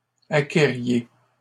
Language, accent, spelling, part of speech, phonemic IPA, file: French, Canada, acquériez, verb, /a.ke.ʁje/, LL-Q150 (fra)-acquériez.wav
- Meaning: inflection of acquérir: 1. second-person plural imperfect indicative 2. second-person plural present subjunctive